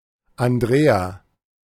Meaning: 1. a female given name, masculine equivalent Andreas 2. a male given name
- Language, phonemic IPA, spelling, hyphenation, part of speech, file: German, /anˈdʁeːa/, Andrea, An‧d‧rea, proper noun, De-Andrea.oga